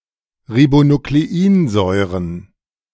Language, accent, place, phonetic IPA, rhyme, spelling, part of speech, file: German, Germany, Berlin, [ʁibonukleˈiːnzɔɪ̯ʁən], -iːnzɔɪ̯ʁən, Ribonukleinsäuren, noun, De-Ribonukleinsäuren.ogg
- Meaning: plural of Ribonukleinsäure